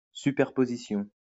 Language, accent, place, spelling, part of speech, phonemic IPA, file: French, France, Lyon, superposition, noun, /sy.pɛʁ.po.zi.sjɔ̃/, LL-Q150 (fra)-superposition.wav
- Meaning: superposition